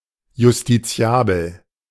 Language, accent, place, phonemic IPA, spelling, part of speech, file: German, Germany, Berlin, /justiˈt͡si̯aːbl̩/, justiziabel, adjective, De-justiziabel.ogg
- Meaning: actionable, litigable, justiciable